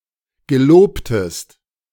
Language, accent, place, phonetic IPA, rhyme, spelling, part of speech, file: German, Germany, Berlin, [ɡəˈloːptəst], -oːptəst, gelobtest, verb, De-gelobtest.ogg
- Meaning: inflection of geloben: 1. second-person singular preterite 2. second-person singular subjunctive II